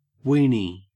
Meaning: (adjective) Minuscule; tiny; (noun) 1. A wiener, a hot dog 2. A penis
- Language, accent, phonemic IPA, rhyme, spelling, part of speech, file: English, Australia, /ˈwiːni/, -iːni, weeny, adjective / noun, En-au-weeny.ogg